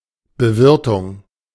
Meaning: catering
- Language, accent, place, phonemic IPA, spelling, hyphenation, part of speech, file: German, Germany, Berlin, /bəˈvɪʁtʊŋ/, Bewirtung, Be‧wir‧tung, noun, De-Bewirtung.ogg